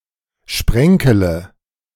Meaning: inflection of sprenkeln: 1. first-person singular present 2. first/third-person singular subjunctive I 3. singular imperative
- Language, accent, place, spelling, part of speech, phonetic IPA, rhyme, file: German, Germany, Berlin, sprenkele, verb, [ˈʃpʁɛŋkələ], -ɛŋkələ, De-sprenkele.ogg